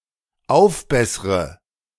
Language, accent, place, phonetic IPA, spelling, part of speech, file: German, Germany, Berlin, [ˈaʊ̯fˌbɛsʁə], aufbessre, verb, De-aufbessre.ogg
- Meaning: inflection of aufbessern: 1. first-person singular dependent present 2. first/third-person singular dependent subjunctive I